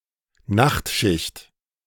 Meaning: night shift
- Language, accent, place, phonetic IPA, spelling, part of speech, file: German, Germany, Berlin, [ˈnaxtˌʃɪçt], Nachtschicht, noun, De-Nachtschicht.ogg